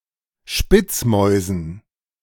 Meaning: dative plural of Spitzmaus
- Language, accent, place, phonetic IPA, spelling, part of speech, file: German, Germany, Berlin, [ˈʃpɪt͡sˌmɔɪ̯zn̩], Spitzmäusen, noun, De-Spitzmäusen.ogg